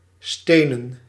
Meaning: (adjective) stonen, made of stone; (noun) plural of steen
- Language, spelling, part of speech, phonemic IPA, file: Dutch, stenen, adjective / verb / noun, /ˈsteːnə(n)/, Nl-stenen.ogg